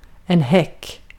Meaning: 1. a hedge 2. a hurdle, as used in the track and field discipline of hurdling 3. hurdling 4. upper part of transom 5. bum, buttock
- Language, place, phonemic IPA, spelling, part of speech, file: Swedish, Gotland, /hɛk/, häck, noun, Sv-häck.ogg